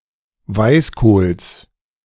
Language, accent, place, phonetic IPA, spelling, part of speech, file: German, Germany, Berlin, [ˈvaɪ̯sˌkoːls], Weißkohls, noun, De-Weißkohls.ogg
- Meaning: genitive of Weißkohl